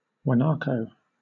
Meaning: A South American ruminant (Lama guanicoe), closely related to the other lamoids, the alpaca, llama, and vicuña in the family Camelidae
- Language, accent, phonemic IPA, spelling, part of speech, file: English, Southern England, /ɡwəˈnɑːkəʊ/, guanaco, noun, LL-Q1860 (eng)-guanaco.wav